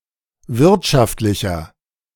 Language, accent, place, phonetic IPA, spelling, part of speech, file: German, Germany, Berlin, [ˈvɪʁtʃaftlɪçɐ], wirtschaftlicher, adjective, De-wirtschaftlicher.ogg
- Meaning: inflection of wirtschaftlich: 1. strong/mixed nominative masculine singular 2. strong genitive/dative feminine singular 3. strong genitive plural